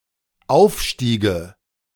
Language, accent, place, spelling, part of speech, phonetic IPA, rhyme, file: German, Germany, Berlin, aufstiege, verb, [ˈaʊ̯fˌʃtiːɡə], -aʊ̯fʃtiːɡə, De-aufstiege.ogg
- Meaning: first/third-person singular dependent subjunctive II of aufsteigen